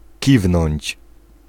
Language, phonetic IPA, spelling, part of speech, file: Polish, [ˈcivnɔ̃ɲt͡ɕ], kiwnąć, verb, Pl-kiwnąć.ogg